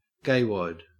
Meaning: Somebody who is homosexual or lame or uncool
- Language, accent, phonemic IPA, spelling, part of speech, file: English, Australia, /ˈɡeɪwɒd/, gaywad, noun, En-au-gaywad.ogg